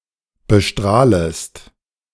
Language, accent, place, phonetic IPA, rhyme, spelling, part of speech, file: German, Germany, Berlin, [bəˈʃtʁaːləst], -aːləst, bestrahlest, verb, De-bestrahlest.ogg
- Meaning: second-person singular subjunctive I of bestrahlen